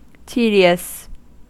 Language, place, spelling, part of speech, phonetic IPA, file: English, California, tedious, adjective, [ˈti.ɾi.əs], En-us-tedious.ogg
- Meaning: Boring, monotonous, time-consuming, wearisome, livelong